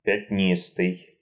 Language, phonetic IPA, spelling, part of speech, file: Russian, [pʲɪtʲˈnʲistɨj], пятнистый, adjective, Ru-пятнистый.ogg
- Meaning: spotty, spotted, dappled